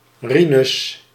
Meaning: a male given name
- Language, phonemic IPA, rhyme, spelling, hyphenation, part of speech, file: Dutch, /ˈri.nʏs/, -inʏs, Rinus, Ri‧nus, proper noun, Nl-Rinus.ogg